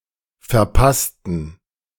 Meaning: inflection of verpassen: 1. first/third-person plural preterite 2. first/third-person plural subjunctive II
- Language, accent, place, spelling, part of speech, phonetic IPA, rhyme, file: German, Germany, Berlin, verpassten, adjective / verb, [fɛɐ̯ˈpastn̩], -astn̩, De-verpassten.ogg